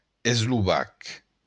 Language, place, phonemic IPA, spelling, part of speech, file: Occitan, Béarn, /esluˈβak/, eslovac, adjective / noun, LL-Q14185 (oci)-eslovac.wav
- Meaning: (adjective) Slovak